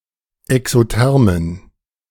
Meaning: inflection of exotherm: 1. strong genitive masculine/neuter singular 2. weak/mixed genitive/dative all-gender singular 3. strong/weak/mixed accusative masculine singular 4. strong dative plural
- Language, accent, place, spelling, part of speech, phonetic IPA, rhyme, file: German, Germany, Berlin, exothermen, adjective, [ɛksoˈtɛʁmən], -ɛʁmən, De-exothermen.ogg